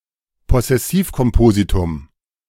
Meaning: bahuvrihi
- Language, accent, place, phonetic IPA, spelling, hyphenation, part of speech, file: German, Germany, Berlin, [pɔsɛˈsiːfkɔmˌpoːzitʊm], Possessivkompositum, Pos‧ses‧siv‧kom‧po‧si‧tum, noun, De-Possessivkompositum.ogg